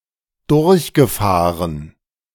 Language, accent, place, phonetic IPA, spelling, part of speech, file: German, Germany, Berlin, [ˈdʊʁçɡəˌfaːʁən], durchgefahren, verb, De-durchgefahren.ogg
- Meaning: past participle of durchfahren